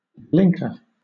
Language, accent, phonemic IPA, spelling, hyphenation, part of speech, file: English, Southern England, /ˈblɪŋkə/, blinker, blink‧er, noun / verb, LL-Q1860 (eng)-blinker.wav
- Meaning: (noun) 1. Anything that blinks 2. The turn signal of an automobile 3. A shield attached to the bridle of a horse or other domesticated animal to prevent it from seeing things behind it and to its side